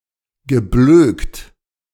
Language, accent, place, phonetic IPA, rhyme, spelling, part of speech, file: German, Germany, Berlin, [ɡəˈbløːkt], -øːkt, geblökt, verb, De-geblökt.ogg
- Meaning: past participle of blöken